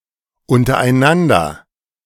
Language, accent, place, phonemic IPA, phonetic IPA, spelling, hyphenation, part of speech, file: German, Germany, Berlin, /ʊntəʁaɪ̯nandəʁ/, [ʔʊntɐʔaɪ̯nandɐ], untereinander, un‧ter‧ei‧n‧an‧der, adverb, De-untereinander.ogg
- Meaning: 1. among ourselves / themselves 2. one under the other